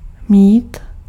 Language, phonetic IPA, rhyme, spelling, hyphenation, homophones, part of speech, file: Czech, [ˈmiːt], -iːt, mít, mít, mýt, verb, Cs-mít.ogg
- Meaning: 1. to have 2. to be (to be doing fine or poorly) 3. to measure 4. to be obliged to, to be supposed to